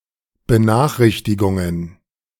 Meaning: plural of Benachrichtigung
- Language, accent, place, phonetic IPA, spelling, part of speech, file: German, Germany, Berlin, [bəˈnaːxˌʁɪçtɪɡʊŋən], Benachrichtigungen, noun, De-Benachrichtigungen.ogg